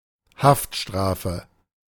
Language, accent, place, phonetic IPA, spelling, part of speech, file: German, Germany, Berlin, [ˈhaftˌʃtʁaːfə], Haftstrafe, noun, De-Haftstrafe.ogg
- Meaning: prison sentence, imprisonment